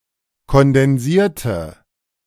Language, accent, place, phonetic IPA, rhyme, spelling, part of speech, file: German, Germany, Berlin, [kɔndɛnˈziːɐ̯tə], -iːɐ̯tə, kondensierte, adjective / verb, De-kondensierte.ogg
- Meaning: inflection of kondensieren: 1. first/third-person singular preterite 2. first/third-person singular subjunctive II